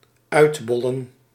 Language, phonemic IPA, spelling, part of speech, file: Dutch, /ˈœydbɔlə(n)/, uitbollen, verb, Nl-uitbollen.ogg
- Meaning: 1. to let a vehicle or bike roll, giving it no further power, until it stops 2. to unwind oneself near the end or finish of a task, job or event, taking it easy, doing no additional efforts